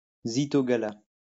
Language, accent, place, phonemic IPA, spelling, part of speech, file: French, France, Lyon, /zi.tɔ.ɡa.la/, zythogala, noun, LL-Q150 (fra)-zythogala.wav
- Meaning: a drink composed of milk and beer